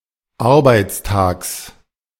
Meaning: genitive singular of Arbeitstag
- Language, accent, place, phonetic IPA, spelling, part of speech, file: German, Germany, Berlin, [ˈaʁbaɪ̯t͡sˌtaːks], Arbeitstags, noun, De-Arbeitstags.ogg